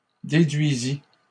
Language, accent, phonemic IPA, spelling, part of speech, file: French, Canada, /de.dɥi.zi/, déduisît, verb, LL-Q150 (fra)-déduisît.wav
- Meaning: third-person singular imperfect subjunctive of déduire